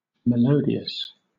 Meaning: Having a pleasant melody or sound; tuneful
- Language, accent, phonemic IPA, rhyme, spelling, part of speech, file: English, Southern England, /məˈləʊdi.əs/, -əʊdiəs, melodious, adjective, LL-Q1860 (eng)-melodious.wav